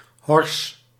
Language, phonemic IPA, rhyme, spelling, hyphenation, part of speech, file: Dutch, /ɦɔrs/, -ɔrs, hors, hors, noun, Nl-hors.ogg
- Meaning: horse